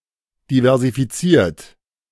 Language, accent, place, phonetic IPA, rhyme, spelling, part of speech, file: German, Germany, Berlin, [divɛʁzifiˈt͡siːɐ̯t], -iːɐ̯t, diversifiziert, adjective / verb, De-diversifiziert.ogg
- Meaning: 1. past participle of diversifizieren 2. inflection of diversifizieren: third-person singular present 3. inflection of diversifizieren: second-person plural present